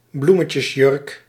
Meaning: a flowered dress
- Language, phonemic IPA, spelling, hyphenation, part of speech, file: Dutch, /ˈblu.mə.tjəsˌjʏrk/, bloemetjesjurk, bloe‧me‧tjes‧jurk, noun, Nl-bloemetjesjurk.ogg